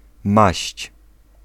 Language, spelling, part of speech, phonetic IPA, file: Polish, maść, noun / verb, [maɕt͡ɕ], Pl-maść.ogg